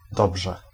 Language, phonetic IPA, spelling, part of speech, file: Polish, [ˈdɔbʒɛ], dobrze, adverb / interjection, Pl-dobrze.ogg